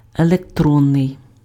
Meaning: 1. electron (attributive) 2. electronic
- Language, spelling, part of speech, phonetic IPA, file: Ukrainian, електронний, adjective, [eɫekˈtrɔnːei̯], Uk-електронний.ogg